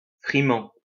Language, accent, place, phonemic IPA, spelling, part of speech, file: French, France, Lyon, /fʁi.mɑ̃/, frimant, verb, LL-Q150 (fra)-frimant.wav
- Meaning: present participle of frimer